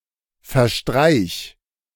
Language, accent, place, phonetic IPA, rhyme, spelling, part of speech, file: German, Germany, Berlin, [fɛɐ̯ˈʃtʁaɪ̯ç], -aɪ̯ç, verstreich, verb, De-verstreich.ogg
- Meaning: singular imperative of verstreichen